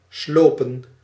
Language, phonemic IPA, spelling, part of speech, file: Dutch, /ˈslopə(n)/, slopen, verb / noun, Nl-slopen.ogg
- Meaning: 1. to demolish 2. to waste someone, beat up 3. to exhaust 4. inflection of sluipen: plural past indicative 5. inflection of sluipen: plural past subjunctive